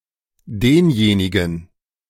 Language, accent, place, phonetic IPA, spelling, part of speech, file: German, Germany, Berlin, [ˈdeːnˌjeːnɪɡn̩], denjenigen, determiner, De-denjenigen.ogg
- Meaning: 1. dative plural of derjenige 2. masculine accusative of derjenige